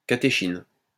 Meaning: catechin, catechol
- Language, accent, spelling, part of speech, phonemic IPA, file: French, France, catéchine, noun, /ka.te.ʃin/, LL-Q150 (fra)-catéchine.wav